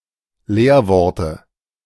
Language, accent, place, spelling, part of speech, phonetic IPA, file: German, Germany, Berlin, Leerworte, noun, [ˈleːɐ̯ˌvɔʁtə], De-Leerworte.ogg
- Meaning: dative singular of Leerwort